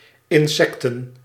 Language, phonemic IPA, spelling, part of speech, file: Dutch, /ɪnˈsɛktə(n)/, insecten, noun, Nl-insecten.ogg
- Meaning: plural of insect